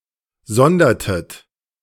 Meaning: inflection of sondern: 1. second-person plural preterite 2. second-person plural subjunctive II
- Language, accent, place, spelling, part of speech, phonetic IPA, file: German, Germany, Berlin, sondertet, verb, [ˈzɔndɐtət], De-sondertet.ogg